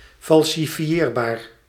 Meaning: falsifiable
- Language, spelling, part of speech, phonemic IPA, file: Dutch, falsifieerbaar, adjective, /ˌfɑl.sɪ.ˈfjɛr.baːr/, Nl-falsifieerbaar.ogg